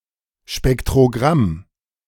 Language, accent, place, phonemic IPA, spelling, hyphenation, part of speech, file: German, Germany, Berlin, /ʃpɛktʁoˈɡʁam/, Spektrogramm, Spek‧t‧ro‧gramm, noun, De-Spektrogramm.ogg
- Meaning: spectrogram